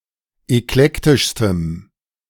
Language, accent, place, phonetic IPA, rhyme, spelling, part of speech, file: German, Germany, Berlin, [ɛkˈlɛktɪʃstəm], -ɛktɪʃstəm, eklektischstem, adjective, De-eklektischstem.ogg
- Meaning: strong dative masculine/neuter singular superlative degree of eklektisch